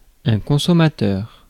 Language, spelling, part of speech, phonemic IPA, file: French, consommateur, noun, /kɔ̃.sɔ.ma.tœʁ/, Fr-consommateur.ogg
- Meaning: 1. consumer 2. customer